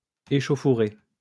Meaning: 1. scuffle, brawl 2. skirmish, affray
- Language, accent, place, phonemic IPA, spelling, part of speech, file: French, France, Lyon, /e.ʃo.fu.ʁe/, échauffourée, noun, LL-Q150 (fra)-échauffourée.wav